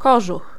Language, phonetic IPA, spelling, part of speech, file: Polish, [ˈkɔʒux], kożuch, noun, Pl-kożuch.ogg